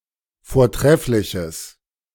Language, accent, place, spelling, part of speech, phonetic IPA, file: German, Germany, Berlin, vortreffliches, adjective, [foːɐ̯ˈtʁɛflɪçəs], De-vortreffliches.ogg
- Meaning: strong/mixed nominative/accusative neuter singular of vortrefflich